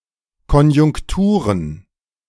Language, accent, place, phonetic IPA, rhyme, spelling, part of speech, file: German, Germany, Berlin, [kɔnjʊŋkˈtuːʁən], -uːʁən, Konjunkturen, noun, De-Konjunkturen.ogg
- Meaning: plural of Konjunktur